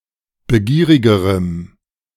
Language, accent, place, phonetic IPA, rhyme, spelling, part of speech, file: German, Germany, Berlin, [bəˈɡiːʁɪɡəʁəm], -iːʁɪɡəʁəm, begierigerem, adjective, De-begierigerem.ogg
- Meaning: strong dative masculine/neuter singular comparative degree of begierig